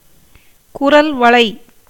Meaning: 1. larynx 2. Adam's apple, the laryngeal prominence
- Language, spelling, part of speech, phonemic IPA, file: Tamil, குரல்வளை, noun, /kʊɾɐlʋɐɭɐɪ̯/, Ta-குரல்வளை.ogg